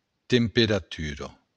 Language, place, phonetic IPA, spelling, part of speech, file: Occitan, Béarn, [tempeɾaˈtyɾo], temperatura, noun, LL-Q14185 (oci)-temperatura.wav
- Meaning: temperature